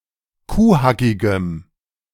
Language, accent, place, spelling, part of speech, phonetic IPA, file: German, Germany, Berlin, kuhhackigem, adjective, [ˈkuːˌhakɪɡəm], De-kuhhackigem.ogg
- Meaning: strong dative masculine/neuter singular of kuhhackig